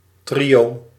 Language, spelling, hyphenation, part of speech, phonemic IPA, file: Dutch, trio, trio, noun, /ˈtri.oː/, Nl-trio.ogg
- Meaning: 1. trio, threesome, triad (group of three people or things) 2. menage a trois, threesome (sex act, three people having sex together)